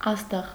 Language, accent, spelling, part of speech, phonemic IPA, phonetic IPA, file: Armenian, Eastern Armenian, աստղ, noun, /ˈɑstəʁ/, [ɑ́stəʁ], Hy-աստղ.ogg
- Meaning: 1. star 2. celebrity, star